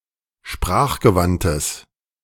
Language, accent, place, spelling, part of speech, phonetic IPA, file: German, Germany, Berlin, sprachgewandtes, adjective, [ˈʃpʁaːxɡəˌvantəs], De-sprachgewandtes.ogg
- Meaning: strong/mixed nominative/accusative neuter singular of sprachgewandt